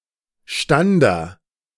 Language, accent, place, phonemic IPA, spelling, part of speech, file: German, Germany, Berlin, /ˈʃtandɐ/, Stander, noun, De-Stander.ogg
- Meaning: pennant, burgee